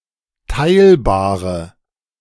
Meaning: inflection of teilbar: 1. strong/mixed nominative/accusative feminine singular 2. strong nominative/accusative plural 3. weak nominative all-gender singular 4. weak accusative feminine/neuter singular
- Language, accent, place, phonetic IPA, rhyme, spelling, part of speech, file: German, Germany, Berlin, [ˈtaɪ̯lbaːʁə], -aɪ̯lbaːʁə, teilbare, adjective, De-teilbare.ogg